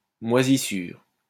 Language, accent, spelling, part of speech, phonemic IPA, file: French, France, moisissure, noun, /mwa.zi.syʁ/, LL-Q150 (fra)-moisissure.wav
- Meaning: mould (woolly or furry growth of tiny fungi)